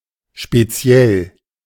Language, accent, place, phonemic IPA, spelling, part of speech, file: German, Germany, Berlin, /ʃpeˈtsi̯ɛl/, speziell, adjective, De-speziell.ogg
- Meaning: 1. special 2. particular, specific